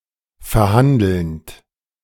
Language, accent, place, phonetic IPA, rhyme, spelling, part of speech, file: German, Germany, Berlin, [fɛɐ̯ˈhandl̩nt], -andl̩nt, verhandelnd, verb, De-verhandelnd.ogg
- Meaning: present participle of verhandeln